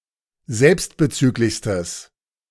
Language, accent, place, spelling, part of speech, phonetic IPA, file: German, Germany, Berlin, selbstbezüglichstes, adjective, [ˈzɛlpstbəˌt͡syːklɪçstəs], De-selbstbezüglichstes.ogg
- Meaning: strong/mixed nominative/accusative neuter singular superlative degree of selbstbezüglich